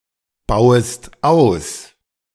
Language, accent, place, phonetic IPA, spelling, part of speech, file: German, Germany, Berlin, [ˌbaʊ̯əst ˈaʊ̯s], bauest aus, verb, De-bauest aus.ogg
- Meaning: second-person singular subjunctive I of ausbauen